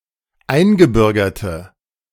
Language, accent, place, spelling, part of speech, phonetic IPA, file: German, Germany, Berlin, eingebürgerte, adjective, [ˈaɪ̯nɡəˌbʏʁɡɐtə], De-eingebürgerte.ogg
- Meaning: inflection of eingebürgert: 1. strong/mixed nominative/accusative feminine singular 2. strong nominative/accusative plural 3. weak nominative all-gender singular